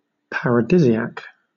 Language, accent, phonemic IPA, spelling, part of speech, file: English, Southern England, /ˌpæɹəˈdɪziæk/, paradisiac, adjective, LL-Q1860 (eng)-paradisiac.wav
- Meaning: Of or like Paradise; heavenly, delightful